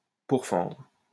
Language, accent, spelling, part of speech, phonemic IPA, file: French, France, pourfendre, verb, /puʁ.fɑ̃dʁ/, LL-Q150 (fra)-pourfendre.wav
- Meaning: 1. to slice through, slay (with a sword) 2. to lay into, shoot down, attack, slate (criticize strongly)